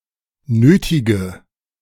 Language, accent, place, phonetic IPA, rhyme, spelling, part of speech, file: German, Germany, Berlin, [ˈnøːtɪɡə], -øːtɪɡə, nötige, verb / adjective, De-nötige.ogg
- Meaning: inflection of nötig: 1. strong/mixed nominative/accusative feminine singular 2. strong nominative/accusative plural 3. weak nominative all-gender singular 4. weak accusative feminine/neuter singular